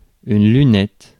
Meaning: 1. telescope (refracting telescope) 2. lunette 3. toilet seat 4. breastbone 5. eyeglasses, spectacles
- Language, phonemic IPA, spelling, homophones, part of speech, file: French, /ly.nɛt/, lunette, lunettes, noun, Fr-lunette.ogg